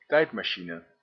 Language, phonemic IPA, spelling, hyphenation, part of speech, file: Dutch, /ˈtɛi̯t.maːˌʃi.nə/, tijdmachine, tijd‧ma‧chi‧ne, noun, Nl-tijdmachine.ogg
- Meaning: 1. time machine 2. chronometer, such as a clock